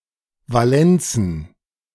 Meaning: plural of Valenz
- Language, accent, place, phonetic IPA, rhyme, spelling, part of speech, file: German, Germany, Berlin, [vaˈlɛnt͡sn̩], -ɛnt͡sn̩, Valenzen, noun, De-Valenzen.ogg